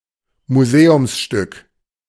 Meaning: museum piece
- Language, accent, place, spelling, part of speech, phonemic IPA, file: German, Germany, Berlin, Museumsstück, noun, /muˈzeːʊmsʃtʏk/, De-Museumsstück.ogg